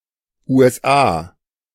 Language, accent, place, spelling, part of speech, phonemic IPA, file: German, Germany, Berlin, USA, proper noun, /ˌuː.ɛsˈaː/, De-USA.ogg
- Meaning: initialism of the United States of America: a country in North America: USA